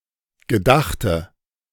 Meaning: inflection of gedacht: 1. strong/mixed nominative/accusative feminine singular 2. strong nominative/accusative plural 3. weak nominative all-gender singular 4. weak accusative feminine/neuter singular
- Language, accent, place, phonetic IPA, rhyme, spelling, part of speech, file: German, Germany, Berlin, [ɡəˈdaxtə], -axtə, gedachte, adjective / verb, De-gedachte.ogg